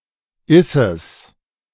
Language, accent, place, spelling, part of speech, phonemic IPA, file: German, Germany, Berlin, isses, contraction, /ˈɪsəs/, De-isses.ogg
- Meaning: contraction of ist + es